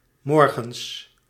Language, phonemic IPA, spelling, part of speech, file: Dutch, /ˈmɔrɣəns/, morgens, noun, Nl-morgens.ogg
- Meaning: genitive singular of morgen